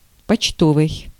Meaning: 1. mail; postal 2. post office
- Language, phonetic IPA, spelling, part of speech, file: Russian, [pɐt͡ɕˈtovɨj], почтовый, adjective, Ru-почтовый.ogg